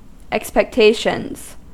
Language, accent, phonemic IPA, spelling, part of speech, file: English, US, /ɛkspɛkˈteɪʃənz/, expectations, noun, En-us-expectations.ogg
- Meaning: plural of expectation